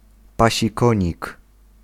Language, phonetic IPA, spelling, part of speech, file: Polish, [ˌpaɕiˈkɔ̃ɲik], pasikonik, noun, Pl-pasikonik.ogg